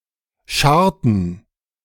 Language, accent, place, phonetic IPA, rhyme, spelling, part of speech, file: German, Germany, Berlin, [ˈʃaʁtn̩], -aʁtn̩, scharrten, verb, De-scharrten.ogg
- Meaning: inflection of scharren: 1. first/third-person plural preterite 2. first/third-person plural subjunctive II